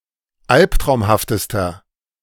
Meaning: inflection of albtraumhaft: 1. strong/mixed nominative masculine singular superlative degree 2. strong genitive/dative feminine singular superlative degree 3. strong genitive plural superlative degree
- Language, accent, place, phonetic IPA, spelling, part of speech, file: German, Germany, Berlin, [ˈalptʁaʊ̯mhaftəstɐ], albtraumhaftester, adjective, De-albtraumhaftester.ogg